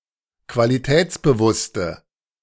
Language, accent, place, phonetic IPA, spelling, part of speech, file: German, Germany, Berlin, [kvaliˈtɛːt͡sbəˌvʊstə], qualitätsbewusste, adjective, De-qualitätsbewusste.ogg
- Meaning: inflection of qualitätsbewusst: 1. strong/mixed nominative/accusative feminine singular 2. strong nominative/accusative plural 3. weak nominative all-gender singular